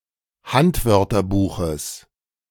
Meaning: genitive singular of Handwörterbuch
- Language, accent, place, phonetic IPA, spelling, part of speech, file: German, Germany, Berlin, [ˈhantvœʁtɐˌbuːxəs], Handwörterbuches, noun, De-Handwörterbuches.ogg